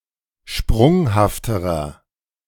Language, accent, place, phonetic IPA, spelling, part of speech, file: German, Germany, Berlin, [ˈʃpʁʊŋhaftəʁɐ], sprunghafterer, adjective, De-sprunghafterer.ogg
- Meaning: inflection of sprunghaft: 1. strong/mixed nominative masculine singular comparative degree 2. strong genitive/dative feminine singular comparative degree 3. strong genitive plural comparative degree